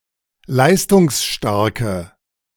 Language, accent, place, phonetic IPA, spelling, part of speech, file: German, Germany, Berlin, [ˈlaɪ̯stʊŋsˌʃtaʁkə], leistungsstarke, adjective, De-leistungsstarke.ogg
- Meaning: inflection of leistungsstark: 1. strong/mixed nominative/accusative feminine singular 2. strong nominative/accusative plural 3. weak nominative all-gender singular